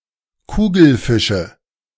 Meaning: nominative/accusative/genitive plural of Kugelfisch
- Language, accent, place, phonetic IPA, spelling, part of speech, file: German, Germany, Berlin, [ˈkuːɡl̩ˌfɪʃə], Kugelfische, noun, De-Kugelfische.ogg